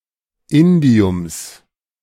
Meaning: genitive singular of Indium
- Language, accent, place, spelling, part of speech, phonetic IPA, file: German, Germany, Berlin, Indiums, noun, [ˈɪndi̯ʊms], De-Indiums.ogg